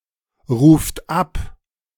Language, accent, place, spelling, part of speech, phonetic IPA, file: German, Germany, Berlin, ruft ab, verb, [ʁuːft ˈap], De-ruft ab.ogg
- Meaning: second-person plural present of abrufen